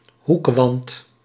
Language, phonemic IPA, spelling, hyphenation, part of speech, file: Dutch, /ˈɦuk.ʋɑnt/, hoekwant, hoek‧want, noun, Nl-hoekwant.ogg
- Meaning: longline